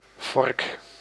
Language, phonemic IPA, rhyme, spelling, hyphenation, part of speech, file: Dutch, /vɔrk/, -ɔrk, vork, vork, noun, Nl-vork.ogg
- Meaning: 1. forked object: basic piece of cutlery with two or more teeth 2. forked object: other pronged tool 3. forked object: fork of a two-wheeled vehicle 4. intersection, split 5. interval, range of values